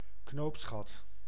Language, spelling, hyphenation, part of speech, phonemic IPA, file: Dutch, knoopsgat, knoops‧gat, noun, /ˈknopsxɑt/, Nl-knoopsgat.ogg
- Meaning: buttonhole